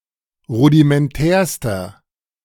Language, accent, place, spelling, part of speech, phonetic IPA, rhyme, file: German, Germany, Berlin, rudimentärster, adjective, [ˌʁudimɛnˈtɛːɐ̯stɐ], -ɛːɐ̯stɐ, De-rudimentärster.ogg
- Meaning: inflection of rudimentär: 1. strong/mixed nominative masculine singular superlative degree 2. strong genitive/dative feminine singular superlative degree 3. strong genitive plural superlative degree